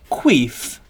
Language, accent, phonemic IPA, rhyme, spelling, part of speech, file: English, UK, /kwiːf/, -iːf, queef, noun / verb, En-uk-queef.ogg
- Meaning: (noun) 1. An emission of air from the vagina, especially when audible; vaginal flatulence 2. A contemptible person; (verb) To produce an emission of air from the vagina